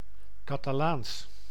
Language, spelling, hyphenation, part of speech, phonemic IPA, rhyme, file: Dutch, Catalaans, Ca‧ta‧laans, adjective / proper noun, /ˌkaː.taːˈlaːns/, -aːns, Nl-Catalaans.ogg
- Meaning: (adjective) Catalan, relating to Catalonia, its people and/or their language; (proper noun) Catalan, the Romance language of Catalonia